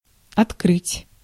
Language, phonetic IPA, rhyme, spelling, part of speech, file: Russian, [ɐtˈkrɨtʲ], -ɨtʲ, открыть, verb, Ru-открыть.ogg
- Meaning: 1. to open 2. to turn on 3. to discover 4. to disclose 5. to reveal 6. to unveil 7. to inaugurate